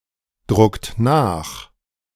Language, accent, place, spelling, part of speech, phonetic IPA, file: German, Germany, Berlin, druckt nach, verb, [ˌdʁʊkt ˈnaːx], De-druckt nach.ogg
- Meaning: inflection of nachdrucken: 1. second-person plural present 2. third-person singular present 3. plural imperative